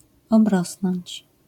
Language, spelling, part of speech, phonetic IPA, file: Polish, obrosnąć, verb, [ɔbˈrɔsnɔ̃ɲt͡ɕ], LL-Q809 (pol)-obrosnąć.wav